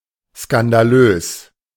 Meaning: scandalous
- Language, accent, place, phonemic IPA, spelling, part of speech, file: German, Germany, Berlin, /skandaˈløːs/, skandalös, adjective, De-skandalös.ogg